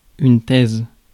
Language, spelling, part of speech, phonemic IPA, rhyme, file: French, thèse, noun, /tɛz/, -ɛz, Fr-thèse.ogg
- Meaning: 1. thesis, supposition, theory 2. thesis, essay, dissertation (lengthy essay written to establish the validity of a theory, especially one submitted in order to complete the requirements for a degree)